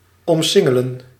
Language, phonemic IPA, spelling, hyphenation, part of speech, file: Dutch, /ˌɔmˈsɪ.ŋə.lə(n)/, omsingelen, om‧sin‧ge‧len, verb, Nl-omsingelen.ogg
- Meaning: to surround, to envelop, to encircle